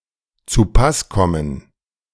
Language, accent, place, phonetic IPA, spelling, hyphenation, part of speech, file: German, Germany, Berlin, [t͡suˈpasˌkɔmən], zupasskommen, zu‧pass‧kom‧men, verb, De-zupasskommen.ogg
- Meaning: to be appropriate for